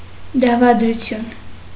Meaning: conspiracy
- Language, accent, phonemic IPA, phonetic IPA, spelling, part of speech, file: Armenian, Eastern Armenian, /dɑvɑdɾuˈtʰjun/, [dɑvɑdɾut͡sʰjún], դավադրություն, noun, Hy-դավադրություն.ogg